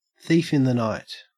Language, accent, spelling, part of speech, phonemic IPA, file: English, Australia, thief in the night, noun, /θiːf ɪn ðə naɪt/, En-au-thief in the night.ogg
- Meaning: Something stealthy or that occurs without warning